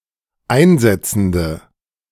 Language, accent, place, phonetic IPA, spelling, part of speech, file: German, Germany, Berlin, [ˈaɪ̯nˌzɛt͡sn̩də], einsetzende, adjective, De-einsetzende.ogg
- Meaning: inflection of einsetzend: 1. strong/mixed nominative/accusative feminine singular 2. strong nominative/accusative plural 3. weak nominative all-gender singular